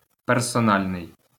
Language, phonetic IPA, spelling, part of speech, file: Ukrainian, [persɔˈnalʲnei̯], персональний, adjective, LL-Q8798 (ukr)-персональний.wav
- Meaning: personal